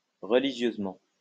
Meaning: religiously
- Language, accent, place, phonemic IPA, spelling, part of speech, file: French, France, Lyon, /ʁə.li.ʒjøz.mɑ̃/, religieusement, adverb, LL-Q150 (fra)-religieusement.wav